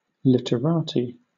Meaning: Well-educated, erudite, literary people; intellectuals who are interested in literature
- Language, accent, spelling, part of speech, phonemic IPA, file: English, Southern England, literati, noun, /ˌlɪt.əˈɹɑː.tiː/, LL-Q1860 (eng)-literati.wav